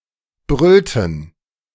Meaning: inflection of brüllen: 1. first/third-person plural preterite 2. first/third-person plural subjunctive II
- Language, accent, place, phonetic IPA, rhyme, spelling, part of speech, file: German, Germany, Berlin, [ˈbʁʏltn̩], -ʏltn̩, brüllten, verb, De-brüllten.ogg